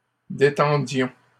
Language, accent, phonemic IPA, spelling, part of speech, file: French, Canada, /de.tɑ̃.djɔ̃/, détendions, verb, LL-Q150 (fra)-détendions.wav
- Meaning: inflection of détendre: 1. first-person plural imperfect indicative 2. first-person plural present subjunctive